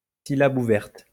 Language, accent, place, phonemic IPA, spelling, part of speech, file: French, France, Lyon, /si.lab u.vɛʁt/, syllabe ouverte, noun, LL-Q150 (fra)-syllabe ouverte.wav
- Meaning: open syllable